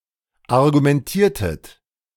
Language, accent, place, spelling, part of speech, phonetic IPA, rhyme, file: German, Germany, Berlin, argumentiertet, verb, [aʁɡumɛnˈtiːɐ̯tət], -iːɐ̯tət, De-argumentiertet.ogg
- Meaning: inflection of argumentieren: 1. second-person plural preterite 2. second-person plural subjunctive II